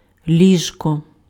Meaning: bed (piece of furniture or a place to sleep)
- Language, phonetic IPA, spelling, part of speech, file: Ukrainian, [ˈlʲiʒkɔ], ліжко, noun, Uk-ліжко.ogg